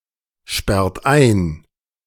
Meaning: inflection of einsperren: 1. third-person singular present 2. second-person plural present 3. plural imperative
- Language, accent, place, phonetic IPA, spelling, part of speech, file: German, Germany, Berlin, [ˌʃpɛʁt ˈaɪ̯n], sperrt ein, verb, De-sperrt ein.ogg